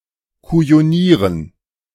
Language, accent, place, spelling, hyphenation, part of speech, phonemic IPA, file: German, Germany, Berlin, kujonieren, ku‧jo‧nie‧ren, verb, /kujoˈniːʀən/, De-kujonieren.ogg
- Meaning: to bully, to abase